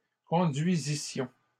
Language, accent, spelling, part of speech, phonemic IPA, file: French, Canada, conduisissions, verb, /kɔ̃.dɥi.zi.sjɔ̃/, LL-Q150 (fra)-conduisissions.wav
- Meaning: first-person plural imperfect subjunctive of conduire